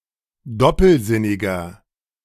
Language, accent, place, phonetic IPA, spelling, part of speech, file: German, Germany, Berlin, [ˈdɔpl̩ˌzɪnɪɡɐ], doppelsinniger, adjective, De-doppelsinniger.ogg
- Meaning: 1. comparative degree of doppelsinnig 2. inflection of doppelsinnig: strong/mixed nominative masculine singular 3. inflection of doppelsinnig: strong genitive/dative feminine singular